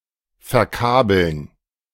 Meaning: to hook [with accusative ‘someone/something’] up with cables
- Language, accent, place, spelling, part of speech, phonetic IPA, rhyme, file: German, Germany, Berlin, verkabeln, verb, [fɛɐ̯ˈkaːbl̩n], -aːbl̩n, De-verkabeln.ogg